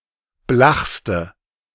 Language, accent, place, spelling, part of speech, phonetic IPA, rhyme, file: German, Germany, Berlin, blachste, adjective, [ˈblaxstə], -axstə, De-blachste.ogg
- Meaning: inflection of blach: 1. strong/mixed nominative/accusative feminine singular superlative degree 2. strong nominative/accusative plural superlative degree